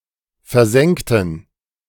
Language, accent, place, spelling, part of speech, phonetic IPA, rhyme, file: German, Germany, Berlin, versenkten, adjective / verb, [fɛɐ̯ˈzɛŋktn̩], -ɛŋktn̩, De-versenkten.ogg
- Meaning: inflection of versenken: 1. first/third-person plural preterite 2. first/third-person plural subjunctive II